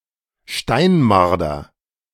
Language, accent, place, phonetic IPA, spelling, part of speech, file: German, Germany, Berlin, [ˈʃtaɪ̯nˌmaʁdɐ], Steinmarder, noun, De-Steinmarder.ogg
- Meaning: beech marten, stone marten, Martes foina